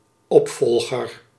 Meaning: successor
- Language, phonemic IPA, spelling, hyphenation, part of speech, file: Dutch, /ˈɔpfɔlɣər/, opvolger, op‧vol‧ger, noun, Nl-opvolger.ogg